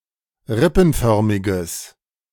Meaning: strong/mixed nominative/accusative neuter singular of rippenförmig
- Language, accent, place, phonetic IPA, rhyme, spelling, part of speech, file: German, Germany, Berlin, [ˈʁɪpn̩ˌfœʁmɪɡəs], -ɪpn̩fœʁmɪɡəs, rippenförmiges, adjective, De-rippenförmiges.ogg